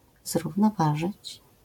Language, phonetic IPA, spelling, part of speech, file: Polish, [ˌzruvnɔˈvaʒɨt͡ɕ], zrównoważyć, verb, LL-Q809 (pol)-zrównoważyć.wav